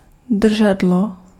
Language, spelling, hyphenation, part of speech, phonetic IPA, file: Czech, držadlo, dr‧ža‧d‧lo, noun, [ˈdr̩ʒadlo], Cs-držadlo.ogg
- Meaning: 1. handle (part of an object held in a hand) 2. handrail